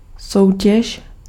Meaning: competition, contest
- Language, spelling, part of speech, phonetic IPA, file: Czech, soutěž, noun, [ˈsou̯cɛʃ], Cs-soutěž.ogg